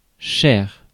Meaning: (noun) dear, honey, hon; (adjective) 1. dear, beloved 2. expensive, costly; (adverb) 1. dearly 2. super
- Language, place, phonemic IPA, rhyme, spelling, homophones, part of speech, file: French, Paris, /ʃɛʁ/, -ɛʁ, cher, chaire / chaires / chair / chairs / chers / chère / chères, noun / adjective / adverb, Fr-cher.ogg